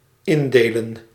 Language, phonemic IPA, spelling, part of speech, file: Dutch, /ˈɪndelə(n)/, indelen, verb, Nl-indelen.ogg
- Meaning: to classify